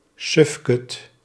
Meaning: oaf, fool, galoot
- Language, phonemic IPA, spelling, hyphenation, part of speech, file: Dutch, /ˈsʏf.kʏt/, sufkut, suf‧kut, noun, Nl-sufkut.ogg